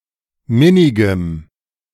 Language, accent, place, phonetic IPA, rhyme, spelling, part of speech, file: German, Germany, Berlin, [ˈmɪnɪɡəm], -ɪnɪɡəm, minnigem, adjective, De-minnigem.ogg
- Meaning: strong dative masculine/neuter singular of minnig